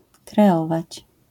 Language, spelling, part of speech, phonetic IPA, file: Polish, kreować, verb, [krɛˈɔvat͡ɕ], LL-Q809 (pol)-kreować.wav